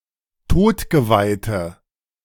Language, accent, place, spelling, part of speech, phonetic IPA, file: German, Germany, Berlin, todgeweihte, adjective, [ˈtoːtɡəvaɪ̯tə], De-todgeweihte.ogg
- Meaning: inflection of todgeweiht: 1. strong/mixed nominative/accusative feminine singular 2. strong nominative/accusative plural 3. weak nominative all-gender singular